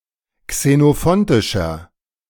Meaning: 1. comparative degree of xenophontisch 2. inflection of xenophontisch: strong/mixed nominative masculine singular 3. inflection of xenophontisch: strong genitive/dative feminine singular
- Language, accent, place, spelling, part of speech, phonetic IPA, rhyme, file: German, Germany, Berlin, xenophontischer, adjective, [ksenoˈfɔntɪʃɐ], -ɔntɪʃɐ, De-xenophontischer.ogg